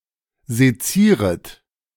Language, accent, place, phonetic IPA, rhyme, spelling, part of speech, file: German, Germany, Berlin, [zeˈt͡siːʁət], -iːʁət, sezieret, verb, De-sezieret.ogg
- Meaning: second-person plural subjunctive I of sezieren